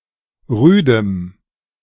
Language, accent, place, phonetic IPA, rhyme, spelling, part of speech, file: German, Germany, Berlin, [ˈʁyːdəm], -yːdəm, rüdem, adjective, De-rüdem.ogg
- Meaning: strong dative masculine/neuter singular of rüde